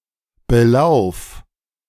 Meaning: singular imperative of belaufen
- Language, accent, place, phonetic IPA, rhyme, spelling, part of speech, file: German, Germany, Berlin, [bəˈlaʊ̯f], -aʊ̯f, belauf, verb, De-belauf.ogg